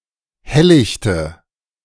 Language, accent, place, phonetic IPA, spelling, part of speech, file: German, Germany, Berlin, [ˈhɛllɪçtə], helllichte, adjective, De-helllichte.ogg
- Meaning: inflection of helllicht: 1. strong/mixed nominative/accusative feminine singular 2. strong nominative/accusative plural 3. weak nominative all-gender singular